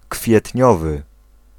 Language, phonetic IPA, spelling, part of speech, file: Polish, [kfʲjɛtʲˈɲɔvɨ], kwietniowy, adjective, Pl-kwietniowy.ogg